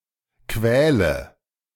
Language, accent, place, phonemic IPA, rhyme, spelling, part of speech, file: German, Germany, Berlin, /ˈkvɛːlə/, -ɛːlə, quäle, verb, De-quäle.ogg
- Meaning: inflection of quälen: 1. first-person singular present 2. singular imperative 3. first/third-person singular subjunctive I